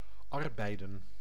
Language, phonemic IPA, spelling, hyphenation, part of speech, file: Dutch, /ˈɑrbɛi̯də(n)/, arbeiden, ar‧bei‧den, verb, Nl-arbeiden.ogg
- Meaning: to work, to do manual labour